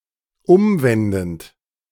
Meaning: present participle of umwenden
- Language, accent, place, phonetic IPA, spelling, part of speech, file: German, Germany, Berlin, [ˈʊmˌvɛndn̩t], umwendend, verb, De-umwendend.ogg